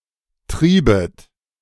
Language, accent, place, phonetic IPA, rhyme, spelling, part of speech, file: German, Germany, Berlin, [ˈtʁiːbət], -iːbət, triebet, verb, De-triebet.ogg
- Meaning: second-person plural subjunctive II of treiben